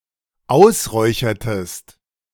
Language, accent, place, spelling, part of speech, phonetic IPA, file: German, Germany, Berlin, ausräuchertest, verb, [ˈaʊ̯sˌʁɔɪ̯çɐtəst], De-ausräuchertest.ogg
- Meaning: inflection of ausräuchern: 1. second-person singular dependent preterite 2. second-person singular dependent subjunctive II